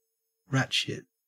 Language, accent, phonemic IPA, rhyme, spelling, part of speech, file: English, Australia, /ˈɹæt.ʃɪt/, -ætʃɪt, ratshit, noun / adjective, En-au-ratshit.ogg
- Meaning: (noun) 1. The excrement of a rat 2. Nonsense, bullshit; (adjective) Of very poor quality, badly substandard, useless; damaged or broken; unwell, exhausted